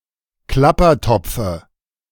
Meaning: dative singular of Klappertopf
- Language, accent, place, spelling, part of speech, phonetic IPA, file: German, Germany, Berlin, Klappertopfe, noun, [ˈklapɐˌtɔp͡fə], De-Klappertopfe.ogg